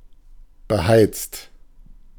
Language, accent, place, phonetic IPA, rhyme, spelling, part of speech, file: German, Germany, Berlin, [bəˈhaɪ̯t͡st], -aɪ̯t͡st, beheizt, adjective / verb, De-beheizt.ogg
- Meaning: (verb) past participle of beheizen; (adjective) heated